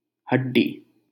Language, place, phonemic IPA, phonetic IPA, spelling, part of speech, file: Hindi, Delhi, /ɦəɖ.ɖiː/, [ɦɐɖ̚.ɖiː], हड्डी, noun, LL-Q1568 (hin)-हड्डी.wav
- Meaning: bone